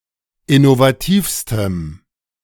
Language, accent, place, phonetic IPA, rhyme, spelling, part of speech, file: German, Germany, Berlin, [ɪnovaˈtiːfstəm], -iːfstəm, innovativstem, adjective, De-innovativstem.ogg
- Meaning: strong dative masculine/neuter singular superlative degree of innovativ